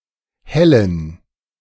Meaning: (verb) to brighten; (adjective) inflection of hell: 1. strong genitive masculine/neuter singular 2. weak/mixed genitive/dative all-gender singular 3. strong/weak/mixed accusative masculine singular
- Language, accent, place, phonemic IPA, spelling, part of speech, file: German, Germany, Berlin, /ˈhɛlən/, hellen, verb / adjective, De-hellen.ogg